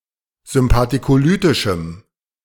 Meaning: strong dative masculine/neuter singular of sympathicolytisch
- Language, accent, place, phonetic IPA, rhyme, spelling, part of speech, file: German, Germany, Berlin, [zʏmpatikoˈlyːtɪʃm̩], -yːtɪʃm̩, sympathicolytischem, adjective, De-sympathicolytischem.ogg